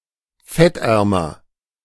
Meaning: comparative degree of fettarm
- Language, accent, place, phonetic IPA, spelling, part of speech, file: German, Germany, Berlin, [ˈfɛtˌʔɛʁmɐ], fettärmer, adjective, De-fettärmer.ogg